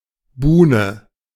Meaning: groyne, breakwater (dam extending perpendicularly into the water to protect the shore)
- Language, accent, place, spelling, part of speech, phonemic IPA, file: German, Germany, Berlin, Buhne, noun, /ˈbuːnə/, De-Buhne.ogg